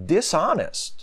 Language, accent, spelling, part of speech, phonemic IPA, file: English, US, dishonest, adjective, /dɪˈsɑnɪst/, En-us-dishonest.ogg
- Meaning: 1. Not honest; shoddy 2. Interfering with honesty 3. Dishonorable; shameful; indecent; unchaste; lewd 4. Dishonoured; disgraced; disfigured